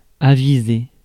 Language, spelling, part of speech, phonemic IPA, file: French, avisé, verb, /a.vi.ze/, Fr-avisé.ogg
- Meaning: past participle of aviser